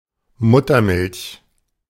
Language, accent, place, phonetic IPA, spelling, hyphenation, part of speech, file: German, Germany, Berlin, [ˈmʊtɐˌmɪlç], Muttermilch, Mut‧ter‧milch, noun, De-Muttermilch.ogg
- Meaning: breast milk, mother's milk